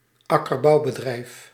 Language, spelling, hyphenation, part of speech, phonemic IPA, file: Dutch, akkerbouwbedrijf, ak‧ker‧bouw‧be‧drijf, noun, /ˈɑ.kər.bɑu̯.bəˌdrɛi̯f/, Nl-akkerbouwbedrijf.ogg
- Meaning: arable farm